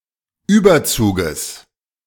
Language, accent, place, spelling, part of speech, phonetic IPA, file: German, Germany, Berlin, Überzuges, noun, [ˈyːbɐˌt͡suːɡəs], De-Überzuges.ogg
- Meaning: genitive singular of Überzug